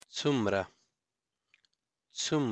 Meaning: how many, how much
- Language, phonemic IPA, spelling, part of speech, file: Pashto, /t͡sumˈra/, څومره, adverb, څومره.ogg